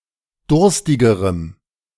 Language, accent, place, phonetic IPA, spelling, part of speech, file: German, Germany, Berlin, [ˈdʊʁstɪɡəʁəm], durstigerem, adjective, De-durstigerem.ogg
- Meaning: strong dative masculine/neuter singular comparative degree of durstig